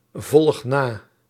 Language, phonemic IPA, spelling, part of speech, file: Dutch, /ˈvɔlᵊx ˈna/, volg na, verb, Nl-volg na.ogg
- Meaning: inflection of navolgen: 1. first-person singular present indicative 2. second-person singular present indicative 3. imperative